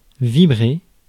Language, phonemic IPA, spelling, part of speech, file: French, /vi.bʁe/, vibrer, verb, Fr-vibrer.ogg
- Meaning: to vibrate